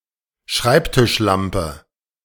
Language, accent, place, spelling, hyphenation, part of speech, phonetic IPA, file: German, Germany, Berlin, Schreibtischlampe, Schreib‧tisch‧lam‧pe, noun, [ˈʃʁaɪ̯ptɪʃˌlampə], De-Schreibtischlampe.ogg
- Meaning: desklamp